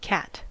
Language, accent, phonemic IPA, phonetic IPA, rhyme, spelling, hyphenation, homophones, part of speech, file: English, General American, /ˈkæt/, [ˈkʰæt], -æt, cat, cat, Cat / Kat / khat / qat, noun / verb / adjective, En-us-cat.ogg
- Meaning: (noun) Terms relating to animals.: A mammal of the family Felidae